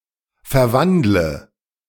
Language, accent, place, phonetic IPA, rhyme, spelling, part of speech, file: German, Germany, Berlin, [fɛɐ̯ˈvandlə], -andlə, verwandle, verb, De-verwandle.ogg
- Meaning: inflection of verwandeln: 1. first-person singular present 2. first/third-person singular subjunctive I 3. singular imperative